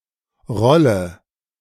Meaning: inflection of rollen: 1. first-person singular present 2. singular imperative 3. first/third-person singular subjunctive I
- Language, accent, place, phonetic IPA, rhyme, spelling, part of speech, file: German, Germany, Berlin, [ˈʁɔlə], -ɔlə, rolle, verb, De-rolle.ogg